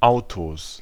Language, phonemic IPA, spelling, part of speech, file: German, /ˈaʊ̯toːs/, Autos, noun, De-Autos.ogg
- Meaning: 1. genitive singular of Auto 2. plural of Auto